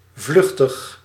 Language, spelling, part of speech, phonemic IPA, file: Dutch, vluchtig, adjective, /ˈvlʏxtəx/, Nl-vluchtig.ogg
- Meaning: 1. volatile (evaporating readily) 2. superficial (shallow, not thorough) 3. fleeting